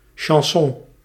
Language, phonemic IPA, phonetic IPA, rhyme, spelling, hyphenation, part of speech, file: Dutch, /ʃɑnˈsɔn/, [ʃɑ̃ˈsɔ̃], -ɔn, chanson, chan‧son, noun, Nl-chanson.ogg
- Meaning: chanson (French, lyric-driven song)